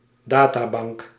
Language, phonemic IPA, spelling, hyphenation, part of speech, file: Dutch, /ˈdaːtaːˌbɑŋk/, databank, da‧ta‧bank, noun, Nl-databank.ogg
- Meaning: 1. database, databank (collection of computer-organised information) 2. databank (organization)